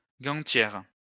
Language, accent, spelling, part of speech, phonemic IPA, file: French, France, gantière, noun, /ɡɑ̃.tjɛʁ/, LL-Q150 (fra)-gantière.wav
- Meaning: female equivalent of gantier